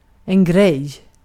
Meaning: 1. a thing (concrete or abstract – also of events, like in English) 2. a thing (something that exists, as opposed to not) 3. thing (subjective liking) 4. thing, deal (point) 5. thing, deal (appeal)
- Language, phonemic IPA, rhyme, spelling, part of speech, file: Swedish, /ɡrɛj/, -ɛj, grej, noun, Sv-grej.ogg